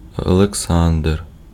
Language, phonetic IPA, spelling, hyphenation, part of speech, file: Ukrainian, [ɔɫekˈsandr], Олександр, Оле‧ксандр, proper noun, Uk-Олександр.ogg
- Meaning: a male given name, Oleksandr, equivalent to English Alexander